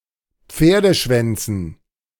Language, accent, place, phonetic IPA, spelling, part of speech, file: German, Germany, Berlin, [ˈp͡feːɐ̯dəˌʃvɛnt͡sn̩], Pferdeschwänzen, noun, De-Pferdeschwänzen.ogg
- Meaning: dative plural of Pferdeschwanz